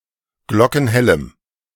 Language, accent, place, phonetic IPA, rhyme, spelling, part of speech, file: German, Germany, Berlin, [ˈɡlɔkn̩ˈhɛləm], -ɛləm, glockenhellem, adjective, De-glockenhellem.ogg
- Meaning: strong dative masculine/neuter singular of glockenhell